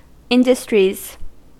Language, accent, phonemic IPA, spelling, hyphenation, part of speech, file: English, US, /ˈɪndəstɹiz/, industries, in‧dus‧tries, noun, En-us-industries.ogg
- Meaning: plural of industry